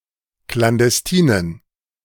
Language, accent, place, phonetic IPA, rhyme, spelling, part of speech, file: German, Germany, Berlin, [klandɛsˈtiːnən], -iːnən, klandestinen, adjective, De-klandestinen.ogg
- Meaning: inflection of klandestin: 1. strong genitive masculine/neuter singular 2. weak/mixed genitive/dative all-gender singular 3. strong/weak/mixed accusative masculine singular 4. strong dative plural